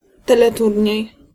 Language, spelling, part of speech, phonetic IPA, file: Polish, teleturniej, noun, [ˌtɛlɛˈturʲɲɛ̇j], Pl-teleturniej.ogg